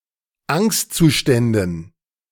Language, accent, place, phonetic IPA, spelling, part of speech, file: German, Germany, Berlin, [ˈaŋstt͡suˌʃtɛndn̩], Angstzuständen, noun, De-Angstzuständen.ogg
- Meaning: dative plural of Angstzustand